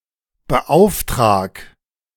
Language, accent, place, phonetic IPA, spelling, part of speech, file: German, Germany, Berlin, [bəˈʔaʊ̯fˌtʁaːk], beauftrag, verb, De-beauftrag.ogg
- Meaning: 1. singular imperative of beauftragen 2. first-person singular present of beauftragen